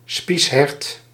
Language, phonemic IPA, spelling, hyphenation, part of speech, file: Dutch, /ˈspis.ɦɛrt/, spieshert, spies‧hert, noun, Nl-spieshert.ogg
- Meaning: 1. a brocket or male deer calf; a one- or two-year-old stag or buck with immature, hornlike antlers (definitions vary) 2. a brocket deer, of the genus Mazama